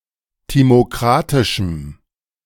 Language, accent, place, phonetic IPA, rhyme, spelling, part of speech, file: German, Germany, Berlin, [ˌtimoˈkʁatɪʃm̩], -atɪʃm̩, timokratischem, adjective, De-timokratischem.ogg
- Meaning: strong dative masculine/neuter singular of timokratisch